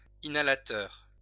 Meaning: inhaler
- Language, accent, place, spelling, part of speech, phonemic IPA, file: French, France, Lyon, inhalateur, noun, /i.na.la.tœʁ/, LL-Q150 (fra)-inhalateur.wav